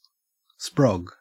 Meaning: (noun) 1. A child 2. A new recruit 3. Semen 4. A deflection-limiting safety device used in high performance hang gliders; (verb) 1. To produce children 2. To ejaculate, to come
- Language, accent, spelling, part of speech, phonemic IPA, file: English, Australia, sprog, noun / verb, /spɹɒɡ/, En-au-sprog.ogg